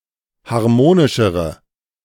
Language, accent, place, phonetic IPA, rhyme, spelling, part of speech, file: German, Germany, Berlin, [haʁˈmoːnɪʃəʁə], -oːnɪʃəʁə, harmonischere, adjective, De-harmonischere.ogg
- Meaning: inflection of harmonisch: 1. strong/mixed nominative/accusative feminine singular comparative degree 2. strong nominative/accusative plural comparative degree